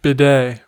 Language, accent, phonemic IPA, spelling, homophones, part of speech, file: English, US, /bɪˈdeɪ/, bidet, b-day, noun, En-us-bidet.ogg
- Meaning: 1. A low-mounted plumbing fixture or type of sink intended for washing the external genitalia and the anus 2. A small horse formerly allowed to each trooper or dragoon for carrying his baggage